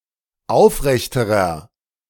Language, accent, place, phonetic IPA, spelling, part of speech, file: German, Germany, Berlin, [ˈaʊ̯fˌʁɛçtəʁɐ], aufrechterer, adjective, De-aufrechterer.ogg
- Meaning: inflection of aufrecht: 1. strong/mixed nominative masculine singular comparative degree 2. strong genitive/dative feminine singular comparative degree 3. strong genitive plural comparative degree